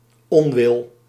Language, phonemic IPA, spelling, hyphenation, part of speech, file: Dutch, /ˈɔnwɪl/, onwil, on‧wil, noun, Nl-onwil.ogg
- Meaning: unwillingness, unwill